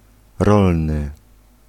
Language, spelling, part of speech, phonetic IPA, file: Polish, rolny, adjective, [ˈrɔlnɨ], Pl-rolny.ogg